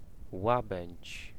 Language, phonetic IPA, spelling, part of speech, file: Polish, [ˈwabɛ̃ɲt͡ɕ], łabędź, noun, Pl-łabędź.ogg